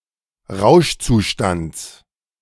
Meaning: genitive of Rauschzustand
- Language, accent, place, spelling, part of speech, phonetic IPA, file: German, Germany, Berlin, Rauschzustands, noun, [ˈʁaʊ̯ʃt͡suˌʃtant͡s], De-Rauschzustands.ogg